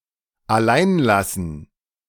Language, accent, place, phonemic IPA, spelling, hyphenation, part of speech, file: German, Germany, Berlin, /aˈlaɪ̯nˌlasn̩/, alleinlassen, al‧lein‧las‧sen, verb, De-alleinlassen.ogg
- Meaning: to leave alone